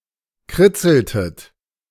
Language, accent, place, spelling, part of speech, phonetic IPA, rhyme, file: German, Germany, Berlin, kritzeltet, verb, [ˈkʁɪt͡sl̩tət], -ɪt͡sl̩tət, De-kritzeltet.ogg
- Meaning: inflection of kritzeln: 1. second-person plural preterite 2. second-person plural subjunctive II